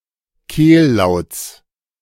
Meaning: genitive singular of Kehllaut
- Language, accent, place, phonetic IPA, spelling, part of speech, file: German, Germany, Berlin, [ˈkeːlˌlaʊ̯t͡s], Kehllauts, noun, De-Kehllauts.ogg